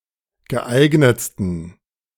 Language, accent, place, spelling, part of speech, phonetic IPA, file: German, Germany, Berlin, geeignetsten, adjective, [ɡəˈʔaɪ̯ɡnət͡stn̩], De-geeignetsten.ogg
- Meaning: 1. superlative degree of geeignet 2. inflection of geeignet: strong genitive masculine/neuter singular superlative degree